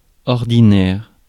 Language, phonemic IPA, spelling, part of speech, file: French, /ɔʁ.di.nɛʁ/, ordinaire, adjective / noun, Fr-ordinaire.ogg
- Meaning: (adjective) 1. ordinary 2. mediocre, nondescript 3. rude, discourteous, shabby; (noun) the ordinary, the usual